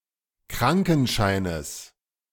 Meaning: genitive singular of Krankenschein
- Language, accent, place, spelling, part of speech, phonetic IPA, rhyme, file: German, Germany, Berlin, Krankenscheines, noun, [ˈkʁaŋkn̩ˌʃaɪ̯nəs], -aŋkn̩ʃaɪ̯nəs, De-Krankenscheines.ogg